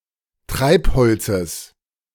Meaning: genitive of Treibholz
- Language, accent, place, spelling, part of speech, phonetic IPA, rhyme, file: German, Germany, Berlin, Treibholzes, noun, [ˈtʁaɪ̯pˌhɔlt͡səs], -aɪ̯phɔlt͡səs, De-Treibholzes.ogg